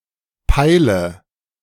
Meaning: inflection of peilen: 1. first-person singular present 2. first/third-person singular subjunctive I 3. singular imperative
- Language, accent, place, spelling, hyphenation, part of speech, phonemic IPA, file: German, Germany, Berlin, peile, pei‧le, verb, /ˈpaɪlə/, De-peile.ogg